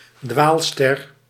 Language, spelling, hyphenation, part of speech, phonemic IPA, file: Dutch, dwaalster, dwaal‧ster, noun, /ˈdʋaːl.stɛr/, Nl-dwaalster.ogg
- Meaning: planet, wanderstar